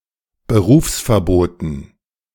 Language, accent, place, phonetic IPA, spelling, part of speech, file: German, Germany, Berlin, [bəˈʁuːfsfɛɐ̯ˌboːtn̩], Berufsverboten, noun, De-Berufsverboten.ogg
- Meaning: dative plural of Berufsverbot